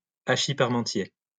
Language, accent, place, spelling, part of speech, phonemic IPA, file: French, France, Lyon, hachis parmentier, noun, /a.ʃi paʁ.mɑ̃.tje/, LL-Q150 (fra)-hachis parmentier.wav
- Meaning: a French dish similar to shepherd's pie